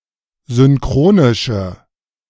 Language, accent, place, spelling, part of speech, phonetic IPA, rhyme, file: German, Germany, Berlin, synchronische, adjective, [zʏnˈkʁoːnɪʃə], -oːnɪʃə, De-synchronische.ogg
- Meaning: inflection of synchronisch: 1. strong/mixed nominative/accusative feminine singular 2. strong nominative/accusative plural 3. weak nominative all-gender singular